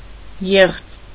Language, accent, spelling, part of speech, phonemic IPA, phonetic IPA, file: Armenian, Eastern Armenian, եղծ, noun / adjective, /jeχt͡s/, [jeχt͡s], Hy-եղծ.ogg
- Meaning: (noun) refutation; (adjective) 1. deceitful, fraudulent 2. spoilt, corrupted, misshapen, bad